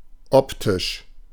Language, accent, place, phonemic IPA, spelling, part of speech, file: German, Germany, Berlin, /ˈɔptɪʃ/, optisch, adjective, De-optisch.ogg
- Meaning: 1. optical, optic 2. visual 3. outward, apparent, at first glance